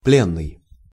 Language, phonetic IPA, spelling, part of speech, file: Russian, [ˈplʲenːɨj], пленный, adjective / noun, Ru-пленный.ogg
- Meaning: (adjective) captive; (noun) captive, prisoner